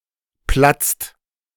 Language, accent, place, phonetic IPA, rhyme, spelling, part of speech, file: German, Germany, Berlin, [plat͡st], -at͡st, platzt, verb, De-platzt.ogg
- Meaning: inflection of platzen: 1. second/third-person singular present 2. second-person plural present 3. plural imperative